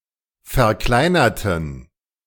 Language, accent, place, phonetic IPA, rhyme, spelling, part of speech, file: German, Germany, Berlin, [fɛɐ̯ˈklaɪ̯nɐtn̩], -aɪ̯nɐtn̩, verkleinerten, adjective / verb, De-verkleinerten.ogg
- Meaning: inflection of verkleinern: 1. first/third-person plural preterite 2. first/third-person plural subjunctive II